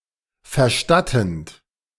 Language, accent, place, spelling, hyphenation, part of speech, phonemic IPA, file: German, Germany, Berlin, verstattend, ver‧stat‧tend, verb, /fərˈʃtatənt/, De-verstattend.ogg
- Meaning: present participle of verstatten